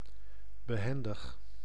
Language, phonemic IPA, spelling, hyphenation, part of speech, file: Dutch, /bəˈɦɛn.dəx/, behendig, be‧hen‧dig, adjective, Nl-behendig.ogg
- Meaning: 1. nimble, agile 2. graceful 3. skillful